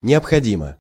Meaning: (adverb) necessarily, obligatorily; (adjective) 1. it is necessary 2. short neuter singular of необходи́мый (neobxodímyj)
- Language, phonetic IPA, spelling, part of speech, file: Russian, [nʲɪəpxɐˈdʲimə], необходимо, adverb / adjective, Ru-необходимо.ogg